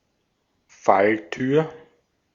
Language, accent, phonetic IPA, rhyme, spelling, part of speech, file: German, Austria, [ˈfalˌtyːɐ̯], -altyːɐ̯, Falltür, noun, De-at-Falltür.ogg
- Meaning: trapdoor